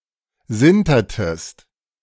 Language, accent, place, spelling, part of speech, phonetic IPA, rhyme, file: German, Germany, Berlin, sintertest, verb, [ˈzɪntɐtəst], -ɪntɐtəst, De-sintertest.ogg
- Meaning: inflection of sintern: 1. second-person singular preterite 2. second-person singular subjunctive II